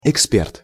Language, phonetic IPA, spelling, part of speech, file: Russian, [ɪkˈspʲert], эксперт, noun, Ru-эксперт.ogg
- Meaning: expert